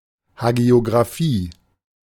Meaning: hagiography
- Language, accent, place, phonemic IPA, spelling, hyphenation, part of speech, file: German, Germany, Berlin, /haɡi̯oɡʁaˈfiː/, Hagiografie, Ha‧gio‧gra‧fie, noun, De-Hagiografie.ogg